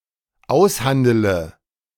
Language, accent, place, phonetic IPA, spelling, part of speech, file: German, Germany, Berlin, [ˈaʊ̯sˌhandələ], aushandele, verb, De-aushandele.ogg
- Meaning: inflection of aushandeln: 1. first-person singular dependent present 2. first/third-person singular dependent subjunctive I